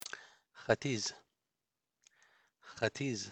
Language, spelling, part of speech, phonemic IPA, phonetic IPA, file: Pashto, ختيځ, noun, /xaˈtid͡z/, [xä.t̪íd͡z], ختيځ.ogg
- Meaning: east